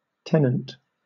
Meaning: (noun) 1. One who holds a lease (a tenancy) 2. One who has possession of any place 3. Any of a number of customers serviced through the same instance of an application
- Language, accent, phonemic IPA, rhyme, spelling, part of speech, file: English, Southern England, /ˈtɛ.nənt/, -ɛnənt, tenant, noun / verb, LL-Q1860 (eng)-tenant.wav